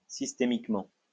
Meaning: systemically
- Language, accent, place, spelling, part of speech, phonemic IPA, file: French, France, Lyon, systémiquement, adverb, /sis.te.mik.mɑ̃/, LL-Q150 (fra)-systémiquement.wav